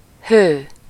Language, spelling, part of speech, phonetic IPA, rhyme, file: Hungarian, hő, noun / adjective, [ˈhøː], -høː, Hu-hő.ogg
- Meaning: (noun) heat (especially in technical usage); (adjective) hot, heated, ardent, fervid, fervent